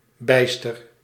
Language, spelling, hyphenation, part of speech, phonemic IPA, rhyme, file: Dutch, bijster, bijs‧ter, adjective / adverb, /ˈbɛi̯.stər/, -ɛi̯stər, Nl-bijster.ogg
- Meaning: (adjective) lost, missing; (adverb) very